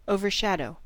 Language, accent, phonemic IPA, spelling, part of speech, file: English, US, /ˌoʊ.vɚˈʃæd.oʊ/, overshadow, verb, En-us-overshadow.ogg
- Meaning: 1. To obscure something by casting a shadow 2. To dominate something and make it seem insignificant 3. To shelter or protect